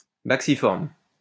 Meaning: bacciform
- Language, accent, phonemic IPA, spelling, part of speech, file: French, France, /bak.si.fɔʁm/, bacciforme, adjective, LL-Q150 (fra)-bacciforme.wav